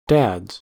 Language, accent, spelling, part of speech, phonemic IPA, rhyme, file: English, US, dads, noun, /dædz/, -ædz, En-us-dads.ogg
- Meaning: plural of dad